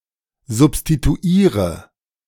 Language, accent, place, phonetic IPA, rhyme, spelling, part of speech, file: German, Germany, Berlin, [zʊpstituˈiːʁə], -iːʁə, substituiere, verb, De-substituiere.ogg
- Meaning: inflection of substituieren: 1. first-person singular present 2. first/third-person singular subjunctive I 3. singular imperative